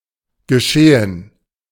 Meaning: 1. what is happening, what is going on 2. events, happenings
- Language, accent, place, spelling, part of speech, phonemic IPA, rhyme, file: German, Germany, Berlin, Geschehen, noun, /ɡəˈʃeːən/, -eːən, De-Geschehen.ogg